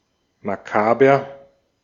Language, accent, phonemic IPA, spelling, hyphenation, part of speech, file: German, Austria, /maˈkaːbɐ/, makaber, ma‧ka‧ber, adjective, De-at-makaber.ogg
- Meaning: macabre